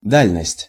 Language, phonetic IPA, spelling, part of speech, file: Russian, [ˈdalʲnəsʲtʲ], дальность, noun, Ru-дальность.ogg
- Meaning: distance, remoteness, range